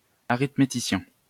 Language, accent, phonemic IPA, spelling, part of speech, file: French, France, /a.ʁit.me.ti.sjɛ̃/, arithméticien, noun, LL-Q150 (fra)-arithméticien.wav
- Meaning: arithmetician